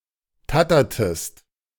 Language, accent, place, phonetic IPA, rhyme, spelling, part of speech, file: German, Germany, Berlin, [ˈtatɐtəst], -atɐtəst, tattertest, verb, De-tattertest.ogg
- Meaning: inflection of tattern: 1. second-person singular preterite 2. second-person singular subjunctive II